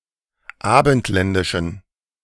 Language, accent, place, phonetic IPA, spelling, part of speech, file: German, Germany, Berlin, [ˈaːbn̩tˌlɛndɪʃn̩], abendländischen, adjective, De-abendländischen.ogg
- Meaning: inflection of abendländisch: 1. strong genitive masculine/neuter singular 2. weak/mixed genitive/dative all-gender singular 3. strong/weak/mixed accusative masculine singular 4. strong dative plural